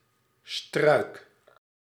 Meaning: bush, shrub
- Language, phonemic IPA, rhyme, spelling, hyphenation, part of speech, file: Dutch, /strœy̯k/, -œy̯k, struik, struik, noun, Nl-struik.ogg